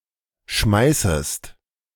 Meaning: second-person singular subjunctive I of schmeißen
- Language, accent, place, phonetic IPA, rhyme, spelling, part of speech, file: German, Germany, Berlin, [ˈʃmaɪ̯səst], -aɪ̯səst, schmeißest, verb, De-schmeißest.ogg